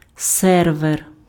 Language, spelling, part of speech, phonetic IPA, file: Ukrainian, сервер, noun, [ˈsɛrʋer], Uk-сервер.ogg
- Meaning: server